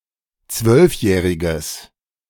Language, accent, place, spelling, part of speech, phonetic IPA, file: German, Germany, Berlin, zwölfjähriges, adjective, [ˈt͡svœlfˌjɛːʁɪɡəs], De-zwölfjähriges.ogg
- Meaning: strong/mixed nominative/accusative neuter singular of zwölfjährig